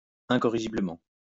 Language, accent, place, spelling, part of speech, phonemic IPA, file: French, France, Lyon, incorrigiblement, adverb, /ɛ̃.kɔ.ʁi.ʒi.blə.mɑ̃/, LL-Q150 (fra)-incorrigiblement.wav
- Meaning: incorrigibly